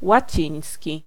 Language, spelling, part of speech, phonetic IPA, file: Polish, łaciński, adjective / noun, [waˈt͡ɕĩj̃sʲci], Pl-łaciński.ogg